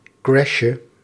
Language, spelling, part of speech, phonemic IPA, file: Dutch, crashje, noun, /ˈkrɛʃə/, Nl-crashje.ogg
- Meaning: diminutive of crash